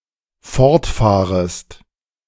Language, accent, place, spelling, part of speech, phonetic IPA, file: German, Germany, Berlin, fortfahrest, verb, [ˈfɔʁtˌfaːʁəst], De-fortfahrest.ogg
- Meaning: second-person singular dependent subjunctive I of fortfahren